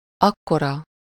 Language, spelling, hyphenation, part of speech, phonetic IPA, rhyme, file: Hungarian, akkora, ak‧ko‧ra, pronoun, [ˈɒkːorɒ], -rɒ, Hu-akkora.ogg
- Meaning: so large, so great, that size, as large as that